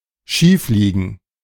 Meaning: to be wrong
- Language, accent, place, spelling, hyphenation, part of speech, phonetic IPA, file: German, Germany, Berlin, schiefliegen, schief‧lie‧gen, verb, [ˈʃiːfˌliːɡn̩], De-schiefliegen.ogg